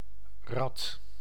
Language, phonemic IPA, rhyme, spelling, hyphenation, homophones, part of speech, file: Dutch, /rɑt/, -ɑt, rad, rad, rat, noun / adjective, Nl-rad.ogg
- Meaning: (noun) wheel (a circular device facilitating movement or transportation); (adjective) quick, swift